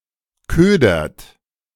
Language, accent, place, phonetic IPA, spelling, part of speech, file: German, Germany, Berlin, [ˈkøːdɐt], ködert, verb, De-ködert.ogg
- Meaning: inflection of ködern: 1. third-person singular present 2. second-person plural present 3. plural imperative